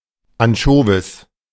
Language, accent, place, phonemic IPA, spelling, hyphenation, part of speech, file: German, Germany, Berlin, /anˈʃoːvɪs/, Anchovis, An‧cho‧vis, noun, De-Anchovis.ogg
- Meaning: 1. European anchovy (Engraulis encrasicolus) 2. anchovy in oil